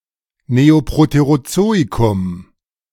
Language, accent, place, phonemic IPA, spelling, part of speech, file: German, Germany, Berlin, /ˌmezoˌpʁoteʁoˈtsoːikʊm/, Neoproterozoikum, proper noun, De-Neoproterozoikum.ogg
- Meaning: the Neoproterozoic